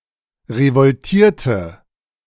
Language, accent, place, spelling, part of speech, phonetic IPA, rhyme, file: German, Germany, Berlin, revoltierte, verb, [ʁəvɔlˈtiːɐ̯tə], -iːɐ̯tə, De-revoltierte.ogg
- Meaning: inflection of revoltieren: 1. first/third-person singular preterite 2. first/third-person singular subjunctive II